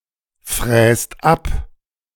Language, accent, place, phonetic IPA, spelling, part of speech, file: German, Germany, Berlin, [ˌfʁɛːst ˈap], fräst ab, verb, De-fräst ab.ogg
- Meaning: inflection of abfräsen: 1. second/third-person singular present 2. second-person plural present 3. plural imperative